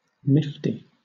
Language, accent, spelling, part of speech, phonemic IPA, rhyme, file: English, Southern England, nifty, adjective / noun, /ˈnɪfti/, -ɪfti, LL-Q1860 (eng)-nifty.wav
- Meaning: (adjective) 1. Good, smart; useful or beneficial, often in an impressively clever way 2. Stylish; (noun) 1. A possibly risqué comic story or anecdote 2. A trick